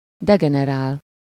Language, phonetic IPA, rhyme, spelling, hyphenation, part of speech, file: Hungarian, [ˈdɛɡɛnɛraːl], -aːl, degenerál, de‧ge‧ne‧rál, verb, Hu-degenerál.ogg
- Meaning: to degenerate